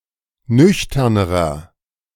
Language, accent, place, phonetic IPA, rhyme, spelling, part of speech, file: German, Germany, Berlin, [ˈnʏçtɐnəʁɐ], -ʏçtɐnəʁɐ, nüchternerer, adjective, De-nüchternerer.ogg
- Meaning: inflection of nüchtern: 1. strong/mixed nominative masculine singular comparative degree 2. strong genitive/dative feminine singular comparative degree 3. strong genitive plural comparative degree